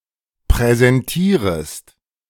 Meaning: second-person singular subjunctive I of präsentieren
- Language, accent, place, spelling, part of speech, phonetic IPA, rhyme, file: German, Germany, Berlin, präsentierest, verb, [pʁɛzɛnˈtiːʁəst], -iːʁəst, De-präsentierest.ogg